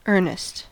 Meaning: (noun) 1. Gravity; serious purpose; earnestness 2. Seriousness; reality; actuality (as opposed to joking or pretence); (verb) To be serious with; use in earnest
- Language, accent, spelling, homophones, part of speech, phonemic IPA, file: English, US, earnest, Ernest, noun / verb / adjective, /ˈɝ.nɪst/, En-us-earnest.ogg